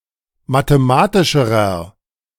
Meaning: inflection of mathematisch: 1. strong/mixed nominative masculine singular comparative degree 2. strong genitive/dative feminine singular comparative degree 3. strong genitive plural comparative degree
- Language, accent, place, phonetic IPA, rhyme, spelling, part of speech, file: German, Germany, Berlin, [mateˈmaːtɪʃəʁɐ], -aːtɪʃəʁɐ, mathematischerer, adjective, De-mathematischerer.ogg